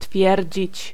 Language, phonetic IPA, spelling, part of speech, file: Polish, [ˈtfʲjɛrʲd͡ʑit͡ɕ], twierdzić, verb, Pl-twierdzić.ogg